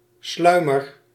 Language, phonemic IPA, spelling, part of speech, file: Dutch, /ˈslœymər/, sluimer, noun / verb, Nl-sluimer.ogg
- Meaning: inflection of sluimeren: 1. first-person singular present indicative 2. second-person singular present indicative 3. imperative